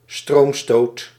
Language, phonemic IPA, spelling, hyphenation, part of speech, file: Dutch, /ˈstroːm.stoːt/, stroomstoot, stroom‧stoot, noun, Nl-stroomstoot.ogg
- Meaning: an electric shock